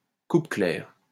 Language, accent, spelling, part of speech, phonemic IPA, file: French, France, coupe claire, noun, /kup klɛʁ/, LL-Q150 (fra)-coupe claire.wav
- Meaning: 1. heavy felling 2. drastic cuts